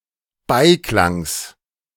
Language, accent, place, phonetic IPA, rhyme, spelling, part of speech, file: German, Germany, Berlin, [ˈbaɪ̯ˌklaŋs], -aɪ̯klaŋs, Beiklangs, noun, De-Beiklangs.ogg
- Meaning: genitive of Beiklang